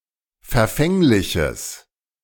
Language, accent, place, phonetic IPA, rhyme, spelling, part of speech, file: German, Germany, Berlin, [fɛɐ̯ˈfɛŋlɪçəs], -ɛŋlɪçəs, verfängliches, adjective, De-verfängliches.ogg
- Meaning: strong/mixed nominative/accusative neuter singular of verfänglich